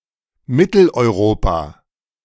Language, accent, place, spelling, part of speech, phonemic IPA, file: German, Germany, Berlin, Mitteleuropa, proper noun, /ˈmɪtl̩ʔɔɪ̯ˈʁoːpa/, De-Mitteleuropa.ogg
- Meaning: Central Europe (a geographic region in the center of Europe, usually including Austria, Switzerland, the Czech Republic, Hungary, Poland, Slovakia, Slovenia, Croatia and Germany)